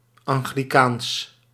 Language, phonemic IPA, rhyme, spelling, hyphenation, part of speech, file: Dutch, /ˌɑŋ.ɣliˈkaːns/, -aːns, anglicaans, an‧gli‧caans, adjective, Nl-anglicaans.ogg
- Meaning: Anglican